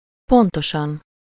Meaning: 1. punctually, on time 2. precisely, accurately
- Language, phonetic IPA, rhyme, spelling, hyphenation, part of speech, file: Hungarian, [ˈpontoʃɒn], -ɒn, pontosan, pon‧to‧san, adverb, Hu-pontosan.ogg